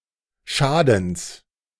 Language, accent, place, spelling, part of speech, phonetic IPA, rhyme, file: German, Germany, Berlin, Schadens, noun, [ˈʃaːdn̩s], -aːdn̩s, De-Schadens.ogg
- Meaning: genitive singular of Schaden